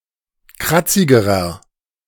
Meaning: inflection of kratzig: 1. strong/mixed nominative masculine singular comparative degree 2. strong genitive/dative feminine singular comparative degree 3. strong genitive plural comparative degree
- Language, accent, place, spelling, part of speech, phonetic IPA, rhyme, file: German, Germany, Berlin, kratzigerer, adjective, [ˈkʁat͡sɪɡəʁɐ], -at͡sɪɡəʁɐ, De-kratzigerer.ogg